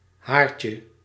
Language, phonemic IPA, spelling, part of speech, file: Dutch, /ˈharcə/, haartje, noun, Nl-haartje.ogg
- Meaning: diminutive of haar